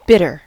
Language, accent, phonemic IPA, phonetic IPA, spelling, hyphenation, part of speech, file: English, US, /ˈbɪ.tɚ/, [ˈbɪ.ɾɚ], bitter, bit‧ter, adjective / adverb / noun / verb, En-us-bitter.ogg
- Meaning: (adjective) 1. Having an acrid taste (usually from a basic substance) 2. Harsh, piercing, acerbic or stinging 3. Hateful or hostile 4. Cynical and resentful